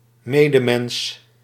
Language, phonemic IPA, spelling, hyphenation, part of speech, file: Dutch, /ˈmeː.dəˌmɛns/, medemens, me‧de‧mens, noun, Nl-medemens.ogg
- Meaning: fellow man (of any gender), fellow human